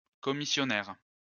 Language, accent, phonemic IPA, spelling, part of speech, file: French, France, /kɔ.mi.sjɔ.nɛʁ/, commissionnaire, noun, LL-Q150 (fra)-commissionnaire.wav
- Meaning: 1. a person who charges commission 2. commissionaire